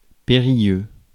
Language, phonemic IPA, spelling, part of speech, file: French, /pe.ʁi.jø/, périlleux, adjective, Fr-périlleux.ogg
- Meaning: perilous